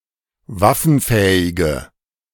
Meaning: inflection of waffenfähig: 1. strong/mixed nominative/accusative feminine singular 2. strong nominative/accusative plural 3. weak nominative all-gender singular
- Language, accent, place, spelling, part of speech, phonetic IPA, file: German, Germany, Berlin, waffenfähige, adjective, [ˈvafn̩ˌfɛːɪɡə], De-waffenfähige.ogg